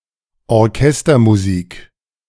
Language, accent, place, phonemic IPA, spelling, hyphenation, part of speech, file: German, Germany, Berlin, /ˈɔʁˈkɛstɐmuˌziːk/, Orchestermusik, Or‧ches‧ter‧mu‧sik, noun, De-Orchestermusik.ogg
- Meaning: orchestral music